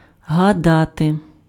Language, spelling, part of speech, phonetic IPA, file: Ukrainian, гадати, verb, [ɦɐˈdate], Uk-гадати.ogg
- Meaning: 1. to think (about: про (pro) + accusative) 2. to think, to consider (that: що (ščo)) 3. to suppose, to assume, to surmise, to conjecture 4. to tell fortunes